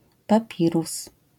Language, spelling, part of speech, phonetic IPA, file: Polish, papirus, noun, [paˈpʲirus], LL-Q809 (pol)-papirus.wav